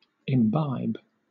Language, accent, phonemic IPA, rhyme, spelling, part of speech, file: English, Southern England, /ɪmˈbaɪb/, -aɪb, imbibe, verb, LL-Q1860 (eng)-imbibe.wav
- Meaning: 1. To drink (used frequently of alcoholic beverages) 2. To take in; absorb 3. To steep; to cause to absorb liquid